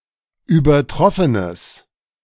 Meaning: strong/mixed nominative/accusative neuter singular of übertroffen
- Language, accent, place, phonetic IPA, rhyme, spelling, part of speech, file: German, Germany, Berlin, [yːbɐˈtʁɔfənəs], -ɔfənəs, übertroffenes, adjective, De-übertroffenes.ogg